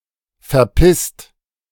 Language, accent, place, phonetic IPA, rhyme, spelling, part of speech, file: German, Germany, Berlin, [fɛɐ̯ˈpɪst], -ɪst, verpisst, verb, De-verpisst.ogg
- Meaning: 1. past participle of verpissen 2. inflection of verpissen: second-person singular/plural present 3. inflection of verpissen: third-person singular present